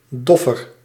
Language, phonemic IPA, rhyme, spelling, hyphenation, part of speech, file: Dutch, /ˈdɔ.fər/, -ɔfər, doffer, dof‧fer, noun / adjective, Nl-doffer.ogg
- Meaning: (noun) male dove, a cock pigeon; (adjective) comparative degree of dof